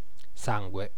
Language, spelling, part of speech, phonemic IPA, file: Italian, sangue, noun, /ˈsaŋɡwe/, It-sangue.ogg